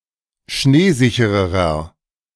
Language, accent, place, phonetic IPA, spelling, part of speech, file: German, Germany, Berlin, [ˈʃneːˌzɪçəʁəʁɐ], schneesichererer, adjective, De-schneesichererer.ogg
- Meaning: inflection of schneesicher: 1. strong/mixed nominative masculine singular comparative degree 2. strong genitive/dative feminine singular comparative degree 3. strong genitive plural comparative degree